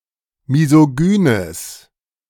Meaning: strong/mixed nominative/accusative neuter singular of misogyn
- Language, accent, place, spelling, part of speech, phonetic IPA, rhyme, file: German, Germany, Berlin, misogynes, adjective, [mizoˈɡyːnəs], -yːnəs, De-misogynes.ogg